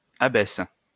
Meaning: third-person plural present indicative/subjunctive of abaisser
- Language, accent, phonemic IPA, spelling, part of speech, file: French, France, /a.bɛs/, abaissent, verb, LL-Q150 (fra)-abaissent.wav